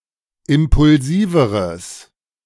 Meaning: strong/mixed nominative/accusative neuter singular comparative degree of impulsiv
- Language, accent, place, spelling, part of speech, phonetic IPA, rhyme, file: German, Germany, Berlin, impulsiveres, adjective, [ˌɪmpʊlˈziːvəʁəs], -iːvəʁəs, De-impulsiveres.ogg